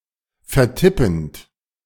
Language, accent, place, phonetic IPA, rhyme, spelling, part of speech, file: German, Germany, Berlin, [fɛɐ̯ˈtɪpn̩t], -ɪpn̩t, vertippend, verb, De-vertippend.ogg
- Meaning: present participle of vertippen